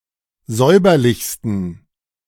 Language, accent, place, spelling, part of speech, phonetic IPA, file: German, Germany, Berlin, säuberlichsten, adjective, [ˈzɔɪ̯bɐlɪçstn̩], De-säuberlichsten.ogg
- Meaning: 1. superlative degree of säuberlich 2. inflection of säuberlich: strong genitive masculine/neuter singular superlative degree